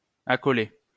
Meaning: 1. to place side by side 2. to bracket together
- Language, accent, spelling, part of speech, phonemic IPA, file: French, France, accoler, verb, /a.kɔ.le/, LL-Q150 (fra)-accoler.wav